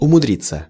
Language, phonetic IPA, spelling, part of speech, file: Russian, [ʊmʊˈdrʲit͡sːə], умудриться, verb, Ru-умудриться.ogg
- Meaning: 1. to become wiser 2. to manage to, to contrive to (to succeed in doing something difficult) 3. to manage to (to do something that could easily have been avoided) 4. passive of умудри́ть (umudrítʹ)